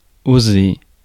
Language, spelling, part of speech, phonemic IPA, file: French, oser, verb, /o.ze/, Fr-oser.ogg
- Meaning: 1. to dare 2. to be allowed to